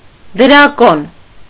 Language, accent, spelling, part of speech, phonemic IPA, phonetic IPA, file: Armenian, Eastern Armenian, դրակոն, noun, /d(ə)ɾɑˈkon/, [d(ə)ɾɑkón], Hy-դրակոն.ogg
- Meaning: dragon